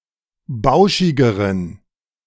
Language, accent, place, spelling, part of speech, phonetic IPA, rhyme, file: German, Germany, Berlin, bauschigeren, adjective, [ˈbaʊ̯ʃɪɡəʁən], -aʊ̯ʃɪɡəʁən, De-bauschigeren.ogg
- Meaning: inflection of bauschig: 1. strong genitive masculine/neuter singular comparative degree 2. weak/mixed genitive/dative all-gender singular comparative degree